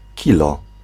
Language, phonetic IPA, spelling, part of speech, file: Polish, [ˈcilɔ], kilo-, prefix, Pl-kilo-.ogg